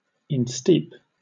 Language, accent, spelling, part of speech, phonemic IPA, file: English, Southern England, insteep, verb, /ɪnˈstiːp/, LL-Q1860 (eng)-insteep.wav
- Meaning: To steep or soak; drench